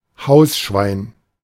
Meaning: domestic pig
- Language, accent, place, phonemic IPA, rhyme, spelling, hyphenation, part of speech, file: German, Germany, Berlin, /ˈhaʊ̯sʃvaɪ̯n/, -aɪ̯n, Hausschwein, Haus‧schwein, noun, De-Hausschwein.ogg